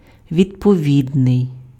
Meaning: suitable, fit, appropriate
- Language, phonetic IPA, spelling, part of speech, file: Ukrainian, [ʋʲidpɔˈʋʲidnei̯], відповідний, adjective, Uk-відповідний.ogg